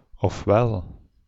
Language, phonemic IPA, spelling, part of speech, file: Dutch, /ɔfˈwɛl/, ofwel, conjunction, Nl-ofwel.ogg
- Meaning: 1. or, or also, or just as well 2. either ... or